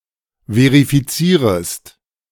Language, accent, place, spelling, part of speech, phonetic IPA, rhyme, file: German, Germany, Berlin, verifizierest, verb, [ˌveʁifiˈt͡siːʁəst], -iːʁəst, De-verifizierest.ogg
- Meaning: second-person singular subjunctive I of verifizieren